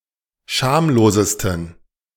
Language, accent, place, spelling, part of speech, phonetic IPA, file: German, Germany, Berlin, schamlosesten, adjective, [ˈʃaːmloːzəstn̩], De-schamlosesten.ogg
- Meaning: 1. superlative degree of schamlos 2. inflection of schamlos: strong genitive masculine/neuter singular superlative degree